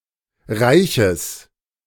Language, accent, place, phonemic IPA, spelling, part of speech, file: German, Germany, Berlin, /ˈʁaɪ̯çəs/, Reiches, noun, De-Reiches.ogg
- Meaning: genitive singular of Reich